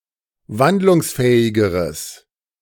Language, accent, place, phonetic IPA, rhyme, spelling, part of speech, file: German, Germany, Berlin, [ˈvandlʊŋsˌfɛːɪɡəʁəs], -andlʊŋsfɛːɪɡəʁəs, wandlungsfähigeres, adjective, De-wandlungsfähigeres.ogg
- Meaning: strong/mixed nominative/accusative neuter singular comparative degree of wandlungsfähig